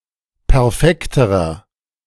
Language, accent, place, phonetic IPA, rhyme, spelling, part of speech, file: German, Germany, Berlin, [pɛʁˈfɛktəʁɐ], -ɛktəʁɐ, perfekterer, adjective, De-perfekterer.ogg
- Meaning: inflection of perfekt: 1. strong/mixed nominative masculine singular comparative degree 2. strong genitive/dative feminine singular comparative degree 3. strong genitive plural comparative degree